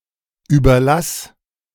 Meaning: singular imperative of überlassen
- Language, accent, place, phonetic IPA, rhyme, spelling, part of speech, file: German, Germany, Berlin, [ˌyːbɐˈlas], -as, überlass, verb, De-überlass.ogg